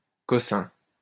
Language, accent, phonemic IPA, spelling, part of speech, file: French, France, /kɔ.sɛ̃/, cossin, noun, LL-Q150 (fra)-cossin.wav
- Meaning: any small-sized object, especially of little value or interest